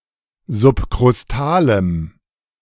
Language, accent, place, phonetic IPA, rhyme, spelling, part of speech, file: German, Germany, Berlin, [zʊpkʁʊsˈtaːləm], -aːləm, subkrustalem, adjective, De-subkrustalem.ogg
- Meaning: strong dative masculine/neuter singular of subkrustal